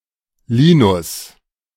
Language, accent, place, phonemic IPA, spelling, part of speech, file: German, Germany, Berlin, /ˈliː.nʊs/, Linus, proper noun, De-Linus.ogg
- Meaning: a male given name, equivalent to English Linus